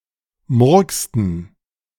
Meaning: inflection of murksen: 1. first/third-person plural preterite 2. first/third-person plural subjunctive II
- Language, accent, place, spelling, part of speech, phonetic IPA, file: German, Germany, Berlin, murksten, verb, [ˈmʊʁkstn̩], De-murksten.ogg